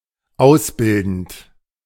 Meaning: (verb) present participle of ausbilden; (adjective) apprenticing
- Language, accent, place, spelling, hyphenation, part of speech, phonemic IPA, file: German, Germany, Berlin, ausbildend, aus‧bil‧dend, verb / adjective, /ˈaʊ̯sˌbɪldənt/, De-ausbildend.ogg